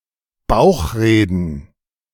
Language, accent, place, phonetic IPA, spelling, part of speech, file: German, Germany, Berlin, [ˈbaʊ̯xˌʁeːdn̩], Bauchreden, noun, De-Bauchreden.ogg
- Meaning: gerund of bauchreden